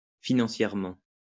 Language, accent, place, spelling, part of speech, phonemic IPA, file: French, France, Lyon, financièrement, adverb, /fi.nɑ̃.sjɛʁ.mɑ̃/, LL-Q150 (fra)-financièrement.wav
- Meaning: financially